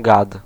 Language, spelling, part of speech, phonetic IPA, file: Polish, gad, noun, [ɡat], Pl-gad.ogg